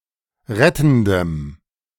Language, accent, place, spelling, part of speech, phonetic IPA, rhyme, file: German, Germany, Berlin, rettendem, adjective, [ˈʁɛtn̩dəm], -ɛtn̩dəm, De-rettendem.ogg
- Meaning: strong dative masculine/neuter singular of rettend